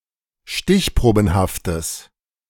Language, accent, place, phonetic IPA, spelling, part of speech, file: German, Germany, Berlin, [ˈʃtɪçˌpʁoːbn̩haftəs], stichprobenhaftes, adjective, De-stichprobenhaftes.ogg
- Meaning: strong/mixed nominative/accusative neuter singular of stichprobenhaft